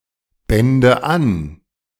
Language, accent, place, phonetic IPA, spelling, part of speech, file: German, Germany, Berlin, [ˌbɛndə ˈan], bände an, verb, De-bände an.ogg
- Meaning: first/third-person singular subjunctive II of anbinden